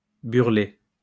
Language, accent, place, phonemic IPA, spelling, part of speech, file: French, France, Lyon, /byʁ.le/, burler, verb, LL-Q150 (fra)-burler.wav
- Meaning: to blow (of the wind known as burle)